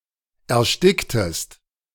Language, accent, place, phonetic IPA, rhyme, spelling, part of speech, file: German, Germany, Berlin, [ɛɐ̯ˈʃtɪktəst], -ɪktəst, ersticktest, verb, De-ersticktest.ogg
- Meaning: inflection of ersticken: 1. second-person singular preterite 2. second-person singular subjunctive II